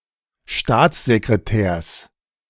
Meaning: genitive singular of Staatssekretär
- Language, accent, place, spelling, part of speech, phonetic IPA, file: German, Germany, Berlin, Staatssekretärs, noun, [ˈʃtaːt͡szekʁeˌtɛːɐ̯s], De-Staatssekretärs.ogg